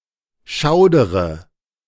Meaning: inflection of schaudern: 1. first-person singular present 2. first/third-person singular subjunctive I 3. singular imperative
- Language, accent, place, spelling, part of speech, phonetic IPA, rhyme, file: German, Germany, Berlin, schaudere, verb, [ˈʃaʊ̯dəʁə], -aʊ̯dəʁə, De-schaudere.ogg